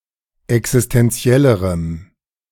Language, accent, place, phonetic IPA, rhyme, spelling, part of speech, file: German, Germany, Berlin, [ɛksɪstɛnˈt͡si̯ɛləʁəm], -ɛləʁəm, existentiellerem, adjective, De-existentiellerem.ogg
- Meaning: strong dative masculine/neuter singular comparative degree of existentiell